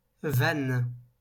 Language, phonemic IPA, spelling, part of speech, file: French, /van/, vanne, noun / verb, LL-Q150 (fra)-vanne.wav
- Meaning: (noun) 1. floodgate, sluice gate 2. stopcock 3. pointed pleasantry, dig, cutting remark; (verb) inflection of vanner: first/third-person singular present indicative/subjunctive